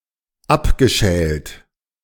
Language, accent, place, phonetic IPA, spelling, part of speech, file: German, Germany, Berlin, [ˈapɡəˌʃɛːlt], abgeschält, verb, De-abgeschält.ogg
- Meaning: past participle of abschälen